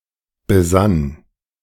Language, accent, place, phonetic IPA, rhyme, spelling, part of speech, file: German, Germany, Berlin, [bəˈzan], -an, besann, verb, De-besann.ogg
- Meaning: first/third-person singular preterite of besinnen